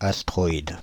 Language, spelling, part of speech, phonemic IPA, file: French, astroïde, noun, /as.tʁɔ.id/, Fr-astroïde.ogg
- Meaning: astroid